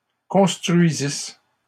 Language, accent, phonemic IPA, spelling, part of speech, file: French, Canada, /kɔ̃s.tʁɥi.zis/, construisisse, verb, LL-Q150 (fra)-construisisse.wav
- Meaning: first-person singular imperfect subjunctive of construire